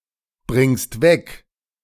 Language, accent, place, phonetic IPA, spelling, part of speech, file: German, Germany, Berlin, [ˌbʁɪŋst ˈvɛk], bringst weg, verb, De-bringst weg.ogg
- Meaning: second-person singular present of wegbringen